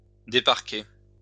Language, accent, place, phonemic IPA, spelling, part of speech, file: French, France, Lyon, /de.paʁ.ke/, déparquer, verb, LL-Q150 (fra)-déparquer.wav
- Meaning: "to let the sheep out of a fold; to unpen"